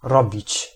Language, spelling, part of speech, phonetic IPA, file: Polish, robić, verb, [ˈrɔbʲit͡ɕ], Pl-robić.ogg